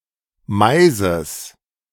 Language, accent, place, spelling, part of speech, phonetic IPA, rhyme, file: German, Germany, Berlin, Maises, noun, [ˈmaɪ̯zəs], -aɪ̯zəs, De-Maises.ogg
- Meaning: genitive singular of Mais